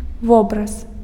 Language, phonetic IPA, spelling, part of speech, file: Belarusian, [ˈvobras], вобраз, noun, Be-вобраз.ogg
- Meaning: image, picture